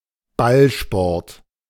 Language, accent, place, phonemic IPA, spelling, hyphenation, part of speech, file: German, Germany, Berlin, /ˈbalˌʃpɔʁt/, Ballsport, Ball‧sport, noun, De-Ballsport.ogg
- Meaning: ballgame